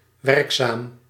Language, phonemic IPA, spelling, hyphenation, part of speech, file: Dutch, /ˈʋɛrk.saːm/, werkzaam, werk‧zaam, adjective, Nl-werkzaam.ogg
- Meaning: 1. operative, active 2. hardworking 3. employed